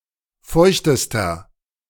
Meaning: inflection of feucht: 1. strong/mixed nominative masculine singular superlative degree 2. strong genitive/dative feminine singular superlative degree 3. strong genitive plural superlative degree
- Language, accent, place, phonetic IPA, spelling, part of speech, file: German, Germany, Berlin, [ˈfɔɪ̯çtəstɐ], feuchtester, adjective, De-feuchtester.ogg